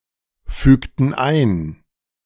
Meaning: inflection of einfügen: 1. first/third-person plural preterite 2. first/third-person plural subjunctive II
- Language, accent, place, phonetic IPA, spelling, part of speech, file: German, Germany, Berlin, [ˌfyːktn̩ ˈaɪ̯n], fügten ein, verb, De-fügten ein.ogg